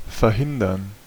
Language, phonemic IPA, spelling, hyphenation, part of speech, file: German, /fɛɐ̯ˈhɪndɐn/, verhindern, ver‧hin‧dern, verb, De-verhindern.ogg
- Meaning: to prevent, to inhibit, to keep (something) from happening